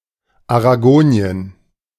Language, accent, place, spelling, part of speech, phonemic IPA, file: German, Germany, Berlin, Aragonien, proper noun, /aʁaˈɡoːni̯ən/, De-Aragonien.ogg
- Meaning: Aragon (a medieval kingdom, now an autonomous community, in northeastern Spain)